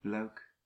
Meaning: 1. Liège, a province of Belgium 2. Liège, a city in Belgium
- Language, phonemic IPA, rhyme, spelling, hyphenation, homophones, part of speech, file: Dutch, /lœy̯k/, -œy̯k, Luik, Luik, luik, proper noun, Nl-Luik.ogg